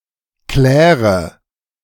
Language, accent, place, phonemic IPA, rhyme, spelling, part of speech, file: German, Germany, Berlin, /ˈklɛːʁə/, -ɛːʁə, kläre, verb, De-kläre.ogg
- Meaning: inflection of klären: 1. first-person singular present 2. first/third-person singular subjunctive I 3. singular imperative